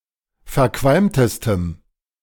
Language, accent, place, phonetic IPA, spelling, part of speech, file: German, Germany, Berlin, [fɛɐ̯ˈkvalmtəstəm], verqualmtestem, adjective, De-verqualmtestem.ogg
- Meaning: strong dative masculine/neuter singular superlative degree of verqualmt